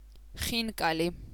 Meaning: khinkali, a type of Georgian dumpling
- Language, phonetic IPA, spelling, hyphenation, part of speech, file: Georgian, [χiŋkʼäli], ხინკალი, ხინ‧კა‧ლი, noun, Khinkali.ogg